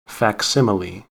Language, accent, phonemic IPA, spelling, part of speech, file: English, US, /fækˈsɪm.ə.li/, facsimile, noun / verb, En-us-facsimile.ogg
- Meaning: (noun) 1. A copy or reproduction 2. Reproduction in the exact form as the original